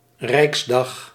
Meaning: an imperial diet, notably: 1. of the Holy Roman Empire 2. of imperial (Hohenzollern) Germany 3. of the Third Reich, Nazi Germany 4. as upper house (senate) in the empire Japan since the Meiji reform
- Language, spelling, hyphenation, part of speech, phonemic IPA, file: Dutch, rijksdag, rijks‧dag, noun, /ˈrɛiksdɑx/, Nl-rijksdag.ogg